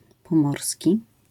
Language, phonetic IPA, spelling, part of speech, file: Polish, [pɔ̃ˈmɔrsʲci], pomorski, adjective / noun, LL-Q809 (pol)-pomorski.wav